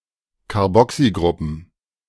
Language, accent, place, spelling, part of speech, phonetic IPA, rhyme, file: German, Germany, Berlin, Carboxygruppen, noun, [kaʁˈbɔksiˌɡʁʊpn̩], -ɔksiɡʁʊpn̩, De-Carboxygruppen.ogg
- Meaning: plural of Carboxygruppe